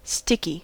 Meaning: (adjective) 1. Tending to stick; able to adhere via the drying of a viscous substance 2. Difficult, awkward 3. Of a death: unpleasant, grisly
- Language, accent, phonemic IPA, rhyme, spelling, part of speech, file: English, US, /ˈstɪki/, -ɪki, sticky, adjective / noun / verb, En-us-sticky.ogg